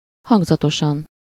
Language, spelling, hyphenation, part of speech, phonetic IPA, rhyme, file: Hungarian, hangzatosan, hang‧za‧to‧san, adverb, [ˈhɒŋɡzɒtoʃɒn], -ɒn, Hu-hangzatosan.ogg
- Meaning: sonorously